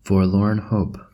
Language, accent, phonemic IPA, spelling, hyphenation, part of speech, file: English, General American, /fɔɹˌlɔɹn ˈhoʊp/, forlorn hope, for‧lorn hope, noun, En-us-forlorn hope.oga
- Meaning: A small troop of soldiers picked to make an advance attack, or the first attack; a storming party